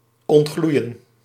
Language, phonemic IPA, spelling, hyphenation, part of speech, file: Dutch, /ˌɔntˈɣlui̯ə(n)/, ontgloeien, ont‧gloe‧ien, verb, Nl-ontgloeien.ogg
- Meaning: to start to glow